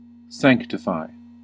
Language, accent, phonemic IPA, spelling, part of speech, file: English, US, /ˈsæŋk.tɪ.faɪ/, sanctify, verb, En-us-sanctify.ogg
- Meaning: 1. To make holy; to consecrate; to set aside for sacred or ceremonial use 2. To free from sin; to purify 3. To make acceptable or useful under religious law or practice